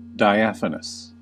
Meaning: 1. Transparent or translucent; allowing light to pass through; capable of being seen through 2. Of a fine, almost transparent, texture; gossamer; light and insubstantial
- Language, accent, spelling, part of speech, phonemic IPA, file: English, US, diaphanous, adjective, /daɪˈæf.ən.əs/, En-us-diaphanous.ogg